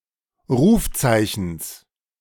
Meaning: genitive singular of Rufzeichen
- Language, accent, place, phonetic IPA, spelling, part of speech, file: German, Germany, Berlin, [ˈʁuːfˌt͡saɪ̯çn̩s], Rufzeichens, noun, De-Rufzeichens.ogg